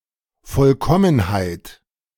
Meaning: perfection, completeness
- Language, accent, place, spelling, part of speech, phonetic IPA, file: German, Germany, Berlin, Vollkommenheit, noun, [ˈfɔlkɔmənhaɪ̯t], De-Vollkommenheit.ogg